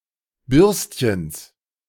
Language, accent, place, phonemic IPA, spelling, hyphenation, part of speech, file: German, Germany, Berlin, /ˈbʏʁstçəns/, Bürstchens, Bürst‧chens, noun, De-Bürstchens.ogg
- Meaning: genitive singular of Bürstchen